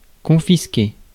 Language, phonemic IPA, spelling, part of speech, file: French, /kɔ̃.fis.ke/, confisquer, verb, Fr-confisquer.ogg
- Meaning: to confiscate